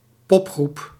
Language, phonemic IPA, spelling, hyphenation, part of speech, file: Dutch, /ˈpɔp.xrup/, popgroep, pop‧groep, noun, Nl-popgroep.ogg
- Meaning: a pop group, a pop band